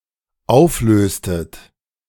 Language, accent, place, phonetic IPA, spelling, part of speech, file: German, Germany, Berlin, [ˈaʊ̯fˌløːstət], auflöstet, verb, De-auflöstet.ogg
- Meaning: inflection of auflösen: 1. second-person plural dependent preterite 2. second-person plural dependent subjunctive II